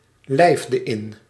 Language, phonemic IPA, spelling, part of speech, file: Dutch, /lɛɪfdə ɪn/, lijfde in, verb, Nl-lijfde in.ogg
- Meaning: inflection of inlijven: 1. singular past indicative 2. singular past subjunctive